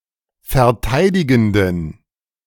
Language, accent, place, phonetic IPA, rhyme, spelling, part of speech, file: German, Germany, Berlin, [fɛɐ̯ˈtaɪ̯dɪɡn̩dən], -aɪ̯dɪɡn̩dən, verteidigenden, adjective, De-verteidigenden.ogg
- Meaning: inflection of verteidigend: 1. strong genitive masculine/neuter singular 2. weak/mixed genitive/dative all-gender singular 3. strong/weak/mixed accusative masculine singular 4. strong dative plural